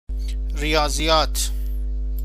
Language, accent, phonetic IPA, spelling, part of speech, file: Persian, Iran, [ɹi.jɒː.zi.jɒ́ːt̪ʰ], ریاضیات, noun, Fa-ریاضیات.ogg
- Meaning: mathematics